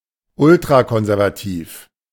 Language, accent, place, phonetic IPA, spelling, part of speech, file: German, Germany, Berlin, [ˈʊltʁakɔnzɛʁvaˌtiːf], ultrakonservativ, adjective, De-ultrakonservativ.ogg
- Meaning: ultraconservative